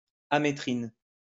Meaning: ametrine
- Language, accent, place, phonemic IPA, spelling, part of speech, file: French, France, Lyon, /a.me.tʁin/, amétrine, noun, LL-Q150 (fra)-amétrine.wav